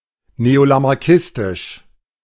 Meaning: neo-Lamarckian
- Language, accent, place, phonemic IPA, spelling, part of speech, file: German, Germany, Berlin, /neolamaʁˈkɪstɪʃ/, neolamarckistisch, adjective, De-neolamarckistisch.ogg